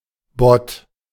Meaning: bot
- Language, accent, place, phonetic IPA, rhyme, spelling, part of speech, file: German, Germany, Berlin, [bɔt], -ɔt, Bot, noun, De-Bot.ogg